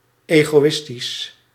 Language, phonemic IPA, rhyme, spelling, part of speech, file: Dutch, /ˌeːɣoːˈ(ʋ)ɪstis/, -ɪstis, egoïstisch, adjective, Nl-egoïstisch.ogg
- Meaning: egoistic, selfish